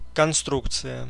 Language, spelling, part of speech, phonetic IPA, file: Russian, конструкция, noun, [kɐnˈstrukt͡sɨjə], Ru-конструкция.ogg
- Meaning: construction, structure, design